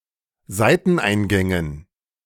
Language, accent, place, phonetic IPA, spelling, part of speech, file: German, Germany, Berlin, [ˈzaɪ̯tn̩ˌʔaɪ̯nɡɛŋən], Seiteneingängen, noun, De-Seiteneingängen.ogg
- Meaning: dative plural of Seiteneingang